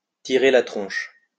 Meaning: to sulk, to pout, to be in a huff
- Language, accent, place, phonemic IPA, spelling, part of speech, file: French, France, Lyon, /ti.ʁe la tʁɔ̃ʃ/, tirer la tronche, verb, LL-Q150 (fra)-tirer la tronche.wav